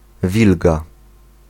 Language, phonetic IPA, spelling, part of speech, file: Polish, [ˈvʲilɡa], wilga, noun, Pl-wilga.ogg